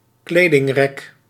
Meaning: a clothes rack
- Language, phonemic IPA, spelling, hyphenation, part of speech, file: Dutch, /ˈkleː.dɪŋˌrɛk/, kledingrek, kle‧ding‧rek, noun, Nl-kledingrek.ogg